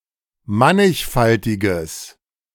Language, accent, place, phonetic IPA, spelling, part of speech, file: German, Germany, Berlin, [ˈmanɪçˌfaltɪɡəs], mannigfaltiges, adjective, De-mannigfaltiges.ogg
- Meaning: strong/mixed nominative/accusative neuter singular of mannigfaltig